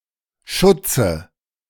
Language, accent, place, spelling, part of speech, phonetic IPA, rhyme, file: German, Germany, Berlin, Schutze, noun, [ˈʃʊt͡sə], -ʊt͡sə, De-Schutze.ogg
- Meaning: inflection of Schutz: 1. dative singular 2. nominative/accusative/genitive plural